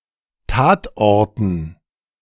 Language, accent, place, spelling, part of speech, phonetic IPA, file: German, Germany, Berlin, Tatorten, noun, [ˈtaːtˌʔɔʁtn̩], De-Tatorten.ogg
- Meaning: dative plural of Tatort